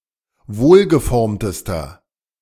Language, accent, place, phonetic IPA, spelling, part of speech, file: German, Germany, Berlin, [ˈvoːlɡəˌfɔʁmtəstɐ], wohlgeformtester, adjective, De-wohlgeformtester.ogg
- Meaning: inflection of wohlgeformt: 1. strong/mixed nominative masculine singular superlative degree 2. strong genitive/dative feminine singular superlative degree 3. strong genitive plural superlative degree